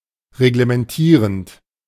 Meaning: present participle of reglementieren
- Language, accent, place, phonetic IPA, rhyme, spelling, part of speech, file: German, Germany, Berlin, [ʁeɡləmɛnˈtiːʁənt], -iːʁənt, reglementierend, verb, De-reglementierend.ogg